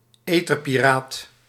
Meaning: radio or television pirate
- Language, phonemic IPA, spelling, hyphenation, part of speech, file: Dutch, /ˈeː.tər.piˌraːt/, etherpiraat, ether‧pi‧raat, noun, Nl-etherpiraat.ogg